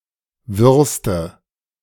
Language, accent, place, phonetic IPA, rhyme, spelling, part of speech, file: German, Germany, Berlin, [ˈvɪʁstə], -ɪʁstə, wirrste, adjective, De-wirrste.ogg
- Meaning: inflection of wirr: 1. strong/mixed nominative/accusative feminine singular superlative degree 2. strong nominative/accusative plural superlative degree